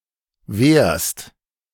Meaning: second-person singular present of wehren
- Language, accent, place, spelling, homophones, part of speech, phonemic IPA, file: German, Germany, Berlin, wehrst, wärst, verb, /veːrst/, De-wehrst.ogg